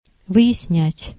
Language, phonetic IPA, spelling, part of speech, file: Russian, [vɨ(j)ɪsˈnʲætʲ], выяснять, verb, Ru-выяснять.ogg
- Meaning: to clear up, to elucidate, to clarify, to find out, to ascertain